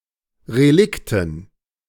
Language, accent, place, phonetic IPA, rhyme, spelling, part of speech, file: German, Germany, Berlin, [ʁeˈlɪktn̩], -ɪktn̩, Relikten, noun, De-Relikten.ogg
- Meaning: dative plural of Relikt